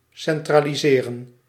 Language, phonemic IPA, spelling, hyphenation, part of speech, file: Dutch, /ˌsɛn.traː.liˈzeː.rə(n)/, centraliseren, cen‧tra‧li‧se‧ren, verb, Nl-centraliseren.ogg
- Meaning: to centralize (US), to centralise (Commonwealth)